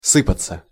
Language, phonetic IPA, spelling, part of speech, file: Russian, [ˈsɨpət͡sə], сыпаться, verb, Ru-сыпаться.ogg
- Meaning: 1. to fall, to pour, to run out 2. to rain down, to pour forth 3. to fall thick and fast 4. (of cloth) to fray out 5. to flunk, to fail 6. passive of сы́пать (sýpatʹ)